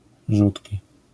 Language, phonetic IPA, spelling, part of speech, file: Polish, [ˈʒutʲci], rzutki, adjective / noun, LL-Q809 (pol)-rzutki.wav